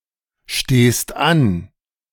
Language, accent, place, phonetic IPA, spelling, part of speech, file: German, Germany, Berlin, [ˌʃteːst ˈan], stehst an, verb, De-stehst an.ogg
- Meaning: second-person singular present of anstehen